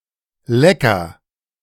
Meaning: licker, one who licks
- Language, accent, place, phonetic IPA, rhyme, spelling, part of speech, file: German, Germany, Berlin, [ˈlɛkɐ], -ɛkɐ, Lecker, noun, De-Lecker.ogg